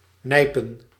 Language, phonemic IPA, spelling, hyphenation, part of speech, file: Dutch, /ˈnɛi̯.pə(n)/, nijpen, nij‧pen, verb, Nl-nijpen.ogg
- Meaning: to pinch, squeeze